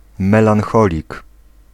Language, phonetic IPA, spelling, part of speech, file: Polish, [ˌmɛlãnˈxɔlʲik], melancholik, noun, Pl-melancholik.ogg